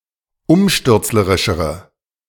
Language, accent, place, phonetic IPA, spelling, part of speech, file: German, Germany, Berlin, [ˈʊmʃtʏʁt͡sləʁɪʃəʁə], umstürzlerischere, adjective, De-umstürzlerischere.ogg
- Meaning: inflection of umstürzlerisch: 1. strong/mixed nominative/accusative feminine singular comparative degree 2. strong nominative/accusative plural comparative degree